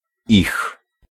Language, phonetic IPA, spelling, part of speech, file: Polish, [ix], ich, pronoun, Pl-ich.ogg